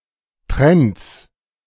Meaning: genitive singular of Trend
- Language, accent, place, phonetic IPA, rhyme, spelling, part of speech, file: German, Germany, Berlin, [tʁɛnt͡s], -ɛnt͡s, Trends, noun, De-Trends.ogg